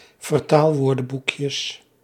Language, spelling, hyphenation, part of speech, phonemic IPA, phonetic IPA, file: Dutch, vertaalwoordenboekjes, ver‧taal‧woor‧den‧boek‧jes, noun, /vərˈtaːlˌʋoːrdə(n)bukjəs/, [vərˈtaːɫˌʋʊːrdə(m)bukjəs], Nl-vertaalwoordenboekjes.ogg
- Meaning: plural of vertaalwoordenboekje